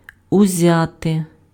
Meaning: alternative form of взя́ти (vzjáty)
- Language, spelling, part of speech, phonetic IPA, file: Ukrainian, узяти, verb, [ʊˈzʲate], Uk-узяти.ogg